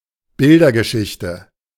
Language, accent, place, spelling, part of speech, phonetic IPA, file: German, Germany, Berlin, Bildergeschichte, noun, [ˈbɪldɐɡəˌʃɪçtə], De-Bildergeschichte.ogg
- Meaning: comic